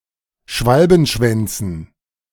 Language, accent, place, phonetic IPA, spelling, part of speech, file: German, Germany, Berlin, [ˈʃvalbn̩ˌʃvɛnt͡sn̩], Schwalbenschwänzen, noun, De-Schwalbenschwänzen.ogg
- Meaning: dative plural of Schwalbenschwanz